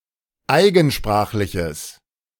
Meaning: strong/mixed nominative/accusative neuter singular of eigensprachlich
- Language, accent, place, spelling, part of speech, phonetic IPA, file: German, Germany, Berlin, eigensprachliches, adjective, [ˈaɪ̯ɡn̩ˌʃpʁaːxlɪçəs], De-eigensprachliches.ogg